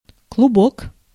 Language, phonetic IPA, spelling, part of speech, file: Russian, [kɫʊˈbok], клубок, noun, Ru-клубок.ogg
- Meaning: 1. ball; clew (of thread) 2. glome, glomus